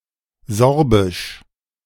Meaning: Sorbian (related to the Sorbian people or their language)
- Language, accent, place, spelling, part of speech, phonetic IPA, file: German, Germany, Berlin, sorbisch, adjective, [ˈzɔʁbɪʃ], De-sorbisch.ogg